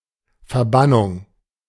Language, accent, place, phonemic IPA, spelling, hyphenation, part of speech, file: German, Germany, Berlin, /fɛʁˈbanʊŋ/, Verbannung, Ver‧ban‧nung, noun, De-Verbannung.ogg
- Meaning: banishment; exile